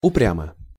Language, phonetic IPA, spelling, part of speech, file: Russian, [ʊˈprʲamə], упрямо, adverb / adjective, Ru-упрямо.ogg
- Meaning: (adverb) obstinately (in an obstinate manner); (adjective) short neuter singular of упря́мый (uprjámyj)